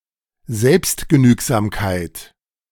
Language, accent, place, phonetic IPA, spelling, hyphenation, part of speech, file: German, Germany, Berlin, [ˈzɛlpstɡəˌnyːkzaːmkaɪ̯t], Selbstgenügsamkeit, Selbst‧ge‧nüg‧sam‧keit, noun, De-Selbstgenügsamkeit.ogg
- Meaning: self-sufficiency